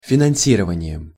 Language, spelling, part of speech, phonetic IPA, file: Russian, финансированием, noun, [fʲɪnɐn⁽ʲ⁾ˈsʲirəvənʲɪ(j)ɪm], Ru-финансированием.ogg
- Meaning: instrumental singular of финанси́рование (finansírovanije)